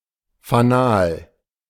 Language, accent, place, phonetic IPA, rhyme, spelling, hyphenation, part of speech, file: German, Germany, Berlin, [faˈnaːl], -aːl, Fanal, Fa‧nal, noun, De-Fanal.ogg
- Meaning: 1. fire signal, beacon light 2. beacon, symbol, omen